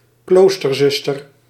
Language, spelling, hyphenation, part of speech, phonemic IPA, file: Dutch, kloosterzuster, kloos‧ter‧zus‧ter, noun, /ˈklostərˌzʏstər/, Nl-kloosterzuster.ogg
- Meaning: sister (a nun; a female member of a religious community)